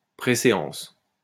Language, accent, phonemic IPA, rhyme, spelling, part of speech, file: French, France, /pʁe.se.ɑ̃s/, -ɑ̃s, préséance, noun, LL-Q150 (fra)-préséance.wav
- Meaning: precedence